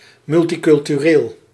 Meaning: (adjective) multicultural; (adverb) multiculturally
- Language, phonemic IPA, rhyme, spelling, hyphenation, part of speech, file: Dutch, /ˌmʏl.ti.kʏl.tyˈreːl/, -eːl, multicultureel, mul‧ti‧cul‧tu‧reel, adjective / adverb, Nl-multicultureel.ogg